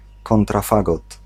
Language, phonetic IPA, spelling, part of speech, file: Polish, [ˌkɔ̃ntraˈfaɡɔt], kontrafagot, noun, Pl-kontrafagot.ogg